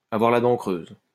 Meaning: to be hungry
- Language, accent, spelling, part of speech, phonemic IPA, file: French, France, avoir la dent creuse, verb, /a.vwaʁ la dɑ̃ kʁøz/, LL-Q150 (fra)-avoir la dent creuse.wav